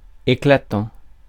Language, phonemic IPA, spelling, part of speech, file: French, /e.kla.tɑ̃/, éclatant, verb / adjective, Fr-éclatant.ogg
- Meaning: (verb) present participle of éclater; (adjective) bright, brilliant, blazing, dazzling